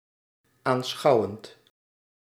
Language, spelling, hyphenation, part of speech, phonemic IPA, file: Dutch, aanschouwend, aan‧schou‧wend, verb / adjective, /ˌaːnˈsxɑu̯ʋənt/, Nl-aanschouwend.ogg
- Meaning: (verb) present participle of aanschouwen